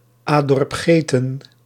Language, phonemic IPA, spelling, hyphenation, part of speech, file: Dutch, /ˈaː.dɔrp ˈɣeː.tə(n)/, Adorp-Geten, Adorp-‧Ge‧ten, proper noun, Nl-Adorp-Geten.ogg
- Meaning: Orp-Jauche, a village in Belgium